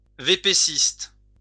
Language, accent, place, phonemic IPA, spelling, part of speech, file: French, France, Lyon, /ve.pe.sist/, vépéciste, noun, LL-Q150 (fra)-vépéciste.wav
- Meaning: mail-order company; person/firm selling remotely